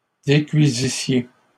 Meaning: second-person plural imperfect subjunctive of décuire
- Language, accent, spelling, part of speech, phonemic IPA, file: French, Canada, décuisissiez, verb, /de.kɥi.zi.sje/, LL-Q150 (fra)-décuisissiez.wav